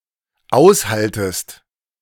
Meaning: second-person singular dependent subjunctive I of aushalten
- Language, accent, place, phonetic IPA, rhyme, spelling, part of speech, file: German, Germany, Berlin, [ˈaʊ̯sˌhaltəst], -aʊ̯shaltəst, aushaltest, verb, De-aushaltest.ogg